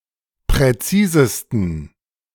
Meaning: 1. superlative degree of präzis 2. inflection of präzis: strong genitive masculine/neuter singular superlative degree
- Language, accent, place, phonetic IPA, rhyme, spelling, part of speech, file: German, Germany, Berlin, [pʁɛˈt͡siːzəstn̩], -iːzəstn̩, präzisesten, adjective, De-präzisesten.ogg